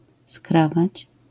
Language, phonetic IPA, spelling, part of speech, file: Polish, [ˈskravat͡ɕ], skrawać, verb, LL-Q809 (pol)-skrawać.wav